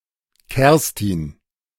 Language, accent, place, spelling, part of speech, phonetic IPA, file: German, Germany, Berlin, Kerstin, proper noun, [ˈkɛʁstɪn], De-Kerstin.ogg
- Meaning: a female given name